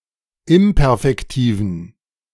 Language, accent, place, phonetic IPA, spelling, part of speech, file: German, Germany, Berlin, [ˈɪmpɛʁfɛktiːvn̩], imperfektiven, adjective, De-imperfektiven.ogg
- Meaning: inflection of imperfektiv: 1. strong genitive masculine/neuter singular 2. weak/mixed genitive/dative all-gender singular 3. strong/weak/mixed accusative masculine singular 4. strong dative plural